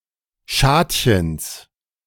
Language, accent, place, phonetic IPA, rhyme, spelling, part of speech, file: German, Germany, Berlin, [ˈʃaːtçəns], -aːtçəns, Schadchens, noun, De-Schadchens.ogg
- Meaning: genitive of Schadchen